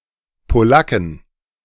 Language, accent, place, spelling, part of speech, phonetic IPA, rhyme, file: German, Germany, Berlin, Polacken, noun, [poˈlakn̩], -akn̩, De-Polacken.ogg
- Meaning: plural of Polacke